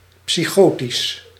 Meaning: psychotic (pertaining to psychosis)
- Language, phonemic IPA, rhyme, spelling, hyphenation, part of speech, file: Dutch, /ˌpsiˈxoː.tis/, -oːtis, psychotisch, psy‧cho‧tisch, adjective, Nl-psychotisch.ogg